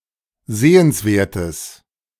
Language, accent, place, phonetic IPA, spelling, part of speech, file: German, Germany, Berlin, [ˈzeːənsˌveːɐ̯təs], sehenswertes, adjective, De-sehenswertes.ogg
- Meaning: strong/mixed nominative/accusative neuter singular of sehenswert